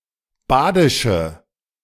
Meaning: inflection of badisch: 1. strong/mixed nominative/accusative feminine singular 2. strong nominative/accusative plural 3. weak nominative all-gender singular 4. weak accusative feminine/neuter singular
- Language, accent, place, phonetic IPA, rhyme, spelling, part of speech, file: German, Germany, Berlin, [ˈbaːdɪʃə], -aːdɪʃə, badische, adjective, De-badische.ogg